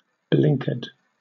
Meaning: 1. One with bad eyes 2. A dim-witted or stupid person; an idiot
- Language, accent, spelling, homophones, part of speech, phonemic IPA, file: English, Southern England, blinkard, blinkered, noun, /ˈblɪŋkə(ɹ)d/, LL-Q1860 (eng)-blinkard.wav